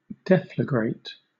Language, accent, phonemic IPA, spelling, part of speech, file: English, Southern England, /ˈdɛfləɡɹeɪt/, deflagrate, verb, LL-Q1860 (eng)-deflagrate.wav
- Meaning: 1. To burn with intense light and heat 2. To burn with intense light and heat.: Specifically, to combust subsonically through thermal conduction